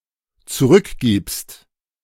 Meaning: second-person singular dependent present of zurückgeben
- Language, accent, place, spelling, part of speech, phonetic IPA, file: German, Germany, Berlin, zurückgibst, verb, [t͡suˈʁʏkˌɡiːpst], De-zurückgibst.ogg